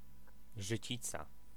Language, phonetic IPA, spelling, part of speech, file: Polish, [ʒɨˈt͡ɕit͡sa], życica, noun, Pl-życica.ogg